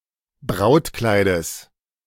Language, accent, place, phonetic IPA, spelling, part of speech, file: German, Germany, Berlin, [ˈbʁaʊ̯tˌklaɪ̯dəs], Brautkleides, noun, De-Brautkleides.ogg
- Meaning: genitive singular of Brautkleid